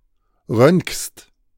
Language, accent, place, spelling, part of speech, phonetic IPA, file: German, Germany, Berlin, röntgst, verb, [ʁœntkst], De-röntgst.ogg
- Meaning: second-person singular present of röntgen